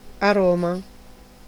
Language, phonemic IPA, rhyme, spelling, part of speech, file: Italian, /aˈrɔ.ma/, -ɔma, aroma, noun, It-aroma.ogg
- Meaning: 1. aroma, fragrance, smell 2. flavour/flavor 3. spice